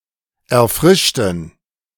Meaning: inflection of erfrischen: 1. first/third-person plural preterite 2. first/third-person plural subjunctive II
- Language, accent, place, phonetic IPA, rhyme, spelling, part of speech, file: German, Germany, Berlin, [ɛɐ̯ˈfʁɪʃtn̩], -ɪʃtn̩, erfrischten, adjective / verb, De-erfrischten.ogg